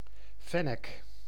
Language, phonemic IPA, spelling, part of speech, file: Dutch, /ˈfɛnək/, fennek, noun, Nl-fennek.ogg
- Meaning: fennec fox, Vulpes zerda